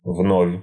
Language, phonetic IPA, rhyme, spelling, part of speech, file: Russian, [vnofʲ], -ofʲ, вновь, adverb, Ru-вновь.ogg
- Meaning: 1. again, once again 2. newly, recently